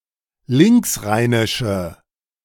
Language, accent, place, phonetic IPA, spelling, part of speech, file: German, Germany, Berlin, [ˈlɪŋksˌʁaɪ̯nɪʃə], linksrheinische, adjective, De-linksrheinische.ogg
- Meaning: inflection of linksrheinisch: 1. strong/mixed nominative/accusative feminine singular 2. strong nominative/accusative plural 3. weak nominative all-gender singular